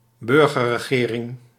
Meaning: civilian government (government without formal ties to the military and not experiencing undue influence by the military)
- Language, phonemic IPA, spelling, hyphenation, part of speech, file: Dutch, /ˈbʏr.ɣə(r).rəˌɣeː.rɪŋ/, burgerregering, bur‧ger‧re‧ge‧ring, noun, Nl-burgerregering.ogg